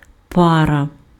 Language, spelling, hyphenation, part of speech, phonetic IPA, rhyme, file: Ukrainian, пара, па‧ра, noun, [ˈparɐ], -arɐ, Uk-пара.ogg
- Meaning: 1. steam; vapor 2. pair, couple 3. two-hour lecture (e.g. for a university or college class)